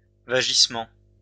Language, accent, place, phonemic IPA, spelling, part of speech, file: French, France, Lyon, /va.ʒis.mɑ̃/, vagissement, noun, LL-Q150 (fra)-vagissement.wav
- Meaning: cry; wail; howl